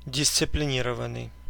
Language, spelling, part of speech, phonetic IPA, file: Russian, дисциплинированный, verb / adjective, [dʲɪst͡sɨplʲɪˈnʲirəvən(ː)ɨj], Ru-дисциплинированный.ogg
- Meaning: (verb) 1. past passive imperfective participle of дисциплини́ровать (disciplinírovatʹ) 2. past passive perfective participle of дисциплини́ровать (disciplinírovatʹ); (adjective) disciplined